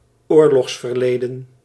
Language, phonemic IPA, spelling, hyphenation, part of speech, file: Dutch, /ˈoːr.lɔxs.fərˌleː.də(n)/, oorlogsverleden, oor‧logs‧ver‧le‧den, noun, Nl-oorlogsverleden.ogg
- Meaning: wartime past, past relating to a war